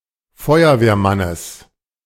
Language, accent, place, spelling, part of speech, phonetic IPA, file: German, Germany, Berlin, Feuerwehrmannes, noun, [ˈfɔɪ̯ɐveːɐ̯ˌmanəs], De-Feuerwehrmannes.ogg
- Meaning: genitive singular of Feuerwehrmann